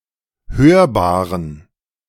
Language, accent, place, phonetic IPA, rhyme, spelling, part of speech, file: German, Germany, Berlin, [ˈhøːɐ̯baːʁən], -øːɐ̯baːʁən, hörbaren, adjective, De-hörbaren.ogg
- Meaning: inflection of hörbar: 1. strong genitive masculine/neuter singular 2. weak/mixed genitive/dative all-gender singular 3. strong/weak/mixed accusative masculine singular 4. strong dative plural